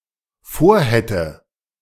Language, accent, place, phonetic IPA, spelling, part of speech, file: German, Germany, Berlin, [ˈfoːɐ̯ˌhɛtə], vorhätte, verb, De-vorhätte.ogg
- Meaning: first/third-person singular dependent subjunctive II of vorhaben